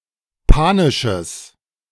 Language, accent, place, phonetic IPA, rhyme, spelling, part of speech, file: German, Germany, Berlin, [ˈpaːnɪʃəs], -aːnɪʃəs, panisches, adjective, De-panisches.ogg
- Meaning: strong/mixed nominative/accusative neuter singular of panisch